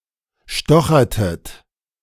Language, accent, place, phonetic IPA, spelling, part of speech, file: German, Germany, Berlin, [ˈʃtɔxɐtət], stochertet, verb, De-stochertet.ogg
- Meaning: inflection of stochern: 1. second-person plural preterite 2. second-person plural subjunctive II